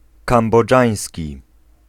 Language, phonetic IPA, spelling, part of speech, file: Polish, [ˌkãmbɔˈd͡ʒãj̃sʲci], kambodżański, adjective, Pl-kambodżański.ogg